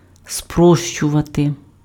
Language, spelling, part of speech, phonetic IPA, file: Ukrainian, спрощувати, verb, [ˈsprɔʃt͡ʃʊʋɐte], Uk-спрощувати.ogg
- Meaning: to simplify